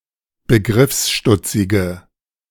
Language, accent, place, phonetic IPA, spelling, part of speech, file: German, Germany, Berlin, [bəˈɡʁɪfsˌʃtʊt͡sɪɡə], begriffsstutzige, adjective, De-begriffsstutzige.ogg
- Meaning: inflection of begriffsstutzig: 1. strong/mixed nominative/accusative feminine singular 2. strong nominative/accusative plural 3. weak nominative all-gender singular